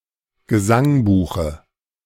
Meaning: dative singular of Gesangbuch
- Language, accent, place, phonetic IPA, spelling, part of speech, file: German, Germany, Berlin, [ɡəˈzaŋˌbuːxə], Gesangbuche, noun, De-Gesangbuche.ogg